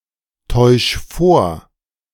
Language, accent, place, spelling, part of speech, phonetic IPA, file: German, Germany, Berlin, täusch vor, verb, [ˌtɔɪ̯ʃ ˈfoːɐ̯], De-täusch vor.ogg
- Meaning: 1. singular imperative of vortäuschen 2. first-person singular present of vortäuschen